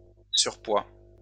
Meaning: excess weight; excess fat, fatty tissue
- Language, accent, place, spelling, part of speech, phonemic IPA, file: French, France, Lyon, surpoids, noun, /syʁ.pwa/, LL-Q150 (fra)-surpoids.wav